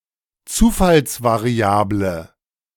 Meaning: random variable
- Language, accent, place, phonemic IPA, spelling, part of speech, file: German, Germany, Berlin, /ˈtsuːfalsvaʁiˌaːblə/, Zufallsvariable, noun, De-Zufallsvariable.ogg